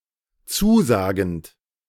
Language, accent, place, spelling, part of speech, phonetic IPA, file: German, Germany, Berlin, zusagend, verb, [ˈt͡suːˌzaːɡn̩t], De-zusagend.ogg
- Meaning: present participle of zusagen